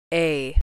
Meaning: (character) The first letter of the English alphabet, called a and written in the Latin script; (numeral) The first numeral symbol of the English alphabet, called a and written in the Latin script
- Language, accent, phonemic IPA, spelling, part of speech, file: English, US, /eɪ̯/, A, character / numeral, En-us-a.ogg